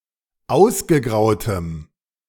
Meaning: strong dative masculine/neuter singular of ausgegraut
- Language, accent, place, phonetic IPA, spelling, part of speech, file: German, Germany, Berlin, [ˈaʊ̯sɡəˌɡʁaʊ̯təm], ausgegrautem, adjective, De-ausgegrautem.ogg